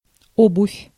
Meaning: footwear, shoes
- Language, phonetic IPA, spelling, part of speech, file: Russian, [ˈobʊfʲ], обувь, noun, Ru-обувь.ogg